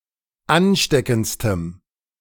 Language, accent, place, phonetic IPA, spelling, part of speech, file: German, Germany, Berlin, [ˈanˌʃtɛkn̩t͡stəm], ansteckendstem, adjective, De-ansteckendstem.ogg
- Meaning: strong dative masculine/neuter singular superlative degree of ansteckend